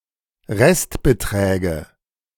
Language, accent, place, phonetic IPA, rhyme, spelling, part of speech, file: German, Germany, Berlin, [ˈʁɛstbəˌtʁɛːɡə], -ɛstbətʁɛːɡə, Restbeträge, noun, De-Restbeträge.ogg
- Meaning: nominative/accusative/genitive plural of Restbetrag